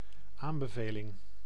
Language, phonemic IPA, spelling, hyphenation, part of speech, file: Dutch, /ˈaːm.bəˌveː.lɪŋ/, aanbeveling, aan‧be‧ve‧ling, noun, Nl-aanbeveling.ogg
- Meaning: recommendation